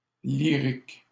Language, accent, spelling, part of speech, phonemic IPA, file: French, Canada, lyrique, adjective / noun, /li.ʁik/, LL-Q150 (fra)-lyrique.wav
- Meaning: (adjective) 1. lyric 2. lyrical; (noun) lyric poet